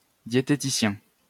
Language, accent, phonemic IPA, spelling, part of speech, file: French, France, /dje.te.ti.sjɛ̃/, diététicien, noun, LL-Q150 (fra)-diététicien.wav
- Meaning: dietetician, dietitian (person who studies or practices dietetics)